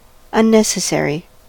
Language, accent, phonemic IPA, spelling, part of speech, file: English, US, /ʌnˈnɛs.əˌsɛɹ.i/, unnecessary, adjective, En-us-unnecessary.ogg
- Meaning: 1. Not needed or necessary 2. Done in addition to requirements; unrequired